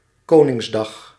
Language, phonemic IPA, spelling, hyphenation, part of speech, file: Dutch, /ˈkoːnɪŋsˌdɑx/, Koningsdag, Ko‧nings‧dag, noun, Nl-Koningsdag.ogg
- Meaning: a national holiday in the Netherlands, occurring on April 27th (or April 26th, if it would otherwise fall on a Sunday) as an official celebration of its current king's birthday